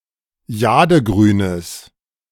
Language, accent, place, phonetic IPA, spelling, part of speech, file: German, Germany, Berlin, [ˈjaːdəˌɡʁyːnəs], jadegrünes, adjective, De-jadegrünes.ogg
- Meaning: strong/mixed nominative/accusative neuter singular of jadegrün